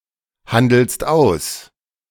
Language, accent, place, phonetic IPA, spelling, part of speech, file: German, Germany, Berlin, [ˌhandl̩st ˈaʊ̯s], handelst aus, verb, De-handelst aus.ogg
- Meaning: second-person singular present of aushandeln